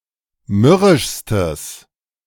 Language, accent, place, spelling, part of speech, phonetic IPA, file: German, Germany, Berlin, mürrischstes, adjective, [ˈmʏʁɪʃstəs], De-mürrischstes.ogg
- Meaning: strong/mixed nominative/accusative neuter singular superlative degree of mürrisch